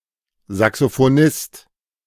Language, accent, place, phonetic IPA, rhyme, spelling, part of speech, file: German, Germany, Berlin, [zaksofoˈnɪst], -ɪst, Saxophonist, noun, De-Saxophonist.ogg
- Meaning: saxophonist